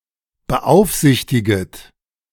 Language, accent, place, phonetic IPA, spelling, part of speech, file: German, Germany, Berlin, [bəˈʔaʊ̯fˌzɪçtɪɡət], beaufsichtiget, verb, De-beaufsichtiget.ogg
- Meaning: second-person plural subjunctive I of beaufsichtigen